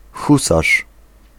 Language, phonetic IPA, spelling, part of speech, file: Polish, [ˈxusaʃ], husarz, noun, Pl-husarz.ogg